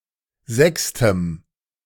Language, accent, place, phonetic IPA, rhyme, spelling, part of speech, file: German, Germany, Berlin, [ˈzɛkstəm], -ɛkstəm, sechstem, adjective, De-sechstem.ogg
- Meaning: strong dative masculine/neuter singular of sechste